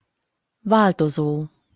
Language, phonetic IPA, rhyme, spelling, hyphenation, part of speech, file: Hungarian, [ˈvaːltozoː], -zoː, változó, vál‧to‧zó, verb / adjective / noun, Hu-változó.opus
- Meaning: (verb) present participle of változik; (adjective) changeable, variable, changing; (noun) variable